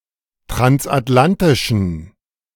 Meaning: inflection of transatlantisch: 1. strong genitive masculine/neuter singular 2. weak/mixed genitive/dative all-gender singular 3. strong/weak/mixed accusative masculine singular 4. strong dative plural
- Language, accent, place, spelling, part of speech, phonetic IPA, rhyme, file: German, Germany, Berlin, transatlantischen, adjective, [tʁansʔatˈlantɪʃn̩], -antɪʃn̩, De-transatlantischen.ogg